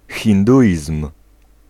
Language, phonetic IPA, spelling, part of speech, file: Polish, [xʲĩnˈduʲism̥], hinduizm, noun, Pl-hinduizm.ogg